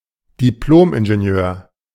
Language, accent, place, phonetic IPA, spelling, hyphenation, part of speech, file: German, Germany, Berlin, [diˈploːmʔɪnʒeˌni̯øːɐ̯], Diplomingenieur, Dip‧lom‧in‧ge‧ni‧eur, noun, De-Diplomingenieur.ogg
- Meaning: An engineer's degree given in several countries. (replaced by the Bologna process by Bachelor of Engineering and Master of Engineering)